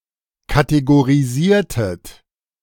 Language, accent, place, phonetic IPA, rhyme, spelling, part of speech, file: German, Germany, Berlin, [kateɡoʁiˈziːɐ̯tət], -iːɐ̯tət, kategorisiertet, verb, De-kategorisiertet.ogg
- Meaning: inflection of kategorisieren: 1. second-person plural preterite 2. second-person plural subjunctive II